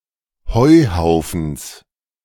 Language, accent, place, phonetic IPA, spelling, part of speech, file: German, Germany, Berlin, [ˈhɔɪ̯ˌhaʊ̯fn̩s], Heuhaufens, noun, De-Heuhaufens.ogg
- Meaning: genitive singular of Heuhaufen